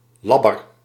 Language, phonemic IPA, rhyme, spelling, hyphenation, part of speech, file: Dutch, /ˈlɑ.bər/, -ɑbər, labber, lab‧ber, adjective, Nl-labber.ogg
- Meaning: weak, soft